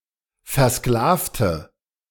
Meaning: inflection of versklaven: 1. first/third-person singular preterite 2. first/third-person singular subjunctive II
- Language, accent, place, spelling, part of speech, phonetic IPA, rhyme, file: German, Germany, Berlin, versklavte, adjective / verb, [fɛɐ̯ˈsklaːftə], -aːftə, De-versklavte.ogg